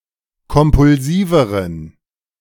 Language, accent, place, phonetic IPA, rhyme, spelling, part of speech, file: German, Germany, Berlin, [kɔmpʊlˈziːvəʁən], -iːvəʁən, kompulsiveren, adjective, De-kompulsiveren.ogg
- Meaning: inflection of kompulsiv: 1. strong genitive masculine/neuter singular comparative degree 2. weak/mixed genitive/dative all-gender singular comparative degree